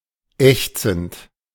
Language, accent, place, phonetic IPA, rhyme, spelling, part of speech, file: German, Germany, Berlin, [ˈɛçt͡sn̩t], -ɛçt͡sn̩t, ächzend, verb, De-ächzend.ogg
- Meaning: present participle of ächzen